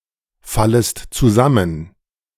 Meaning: second-person singular subjunctive I of zusammenfallen
- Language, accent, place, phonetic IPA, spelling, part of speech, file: German, Germany, Berlin, [ˌfaləst t͡suˈzamən], fallest zusammen, verb, De-fallest zusammen.ogg